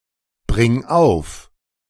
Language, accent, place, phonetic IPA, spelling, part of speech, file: German, Germany, Berlin, [ˌbʁɪŋ ˈaʊ̯f], bring auf, verb, De-bring auf.ogg
- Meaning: singular imperative of aufbringen